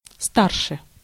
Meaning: 1. comparative degree of ста́рый (stáryj) 2. comparative degree of ста́рший (stáršij)
- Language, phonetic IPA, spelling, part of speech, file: Russian, [ˈstarʂɨ], старше, adverb, Ru-старше.ogg